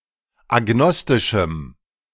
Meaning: strong dative masculine/neuter singular of agnostisch
- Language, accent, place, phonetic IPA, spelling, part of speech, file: German, Germany, Berlin, [aˈɡnɔstɪʃm̩], agnostischem, adjective, De-agnostischem.ogg